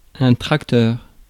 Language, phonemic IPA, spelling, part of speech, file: French, /tʁak.tœʁ/, tracteur, noun, Fr-tracteur.ogg
- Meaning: tractor